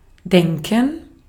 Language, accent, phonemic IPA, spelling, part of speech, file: German, Austria, /ˈdɛŋkən/, denken, verb, De-at-denken.ogg
- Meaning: 1. to think 2. not to forget; to remember 3. to imagine 4. to think, to believe, to assume, to conjecture